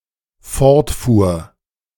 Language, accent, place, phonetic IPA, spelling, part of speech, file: German, Germany, Berlin, [ˈfɔʁtˌfuːɐ̯], fortfuhr, verb, De-fortfuhr.ogg
- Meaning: first/third-person singular dependent preterite of fortfahren